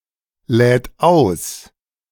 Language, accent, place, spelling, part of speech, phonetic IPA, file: German, Germany, Berlin, lädt aus, verb, [ˌlɛːt ˈaʊ̯s], De-lädt aus.ogg
- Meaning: third-person singular present of ausladen